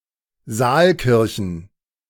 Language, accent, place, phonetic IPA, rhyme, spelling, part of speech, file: German, Germany, Berlin, [ˈzaːlˌkɪʁçn̩], -aːlkɪʁçn̩, Saalkirchen, noun, De-Saalkirchen.ogg
- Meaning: plural of Saalkirche